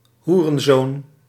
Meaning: 1. whoreson, son of a bitch (despicable man) 2. son of a whore, whoreson (son of a usually female prostitute)
- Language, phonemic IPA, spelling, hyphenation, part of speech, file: Dutch, /ˈɦu.rə(n)ˌzoːn/, hoerenzoon, hoe‧ren‧zoon, noun, Nl-hoerenzoon.ogg